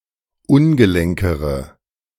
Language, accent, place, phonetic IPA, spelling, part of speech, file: German, Germany, Berlin, [ˈʊnɡəˌlɛŋkəʁə], ungelenkere, adjective, De-ungelenkere.ogg
- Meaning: inflection of ungelenk: 1. strong/mixed nominative/accusative feminine singular comparative degree 2. strong nominative/accusative plural comparative degree